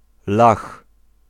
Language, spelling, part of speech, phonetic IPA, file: Polish, Lach, noun, [lax], Pl-Lach.ogg